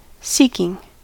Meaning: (noun) The act of one who seeks; a search or quest to find something; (adjective) That seeks something specified; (verb) present participle and gerund of seek
- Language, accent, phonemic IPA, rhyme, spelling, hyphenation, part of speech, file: English, General American, /ˈsiː.kɪŋ/, -iːkɪŋ, seeking, seek‧ing, noun / adjective / verb, En-us-seeking.ogg